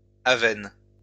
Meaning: 1. pit cave, pit (natural cave with predominantly vertical shafts) 2. sinkhole (US), swallow hole (UK)
- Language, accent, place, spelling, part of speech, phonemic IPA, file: French, France, Lyon, aven, noun, /a.vɛn/, LL-Q150 (fra)-aven.wav